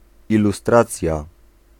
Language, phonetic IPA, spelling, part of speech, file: Polish, [ˌiluˈstrat͡sʲja], ilustracja, noun, Pl-ilustracja.ogg